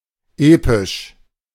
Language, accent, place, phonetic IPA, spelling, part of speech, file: German, Germany, Berlin, [ˈeːpɪʃ], episch, adjective, De-episch.ogg
- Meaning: epic